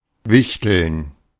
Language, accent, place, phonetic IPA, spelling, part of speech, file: German, Germany, Berlin, [ˈvɪçtl̩n], Wichteln, noun, De-Wichteln.ogg
- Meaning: 1. gerund of wichteln 2. secret Santa